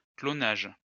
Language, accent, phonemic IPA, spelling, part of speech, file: French, France, /klɔ.naʒ/, clonage, noun, LL-Q150 (fra)-clonage.wav
- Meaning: cloning